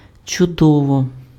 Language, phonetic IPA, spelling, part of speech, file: Ukrainian, [t͡ʃʊˈdɔwɔ], чудово, adverb / adjective, Uk-чудово.ogg
- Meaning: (adverb) wonderfully, marvellously; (adjective) wonderful, marvellous, great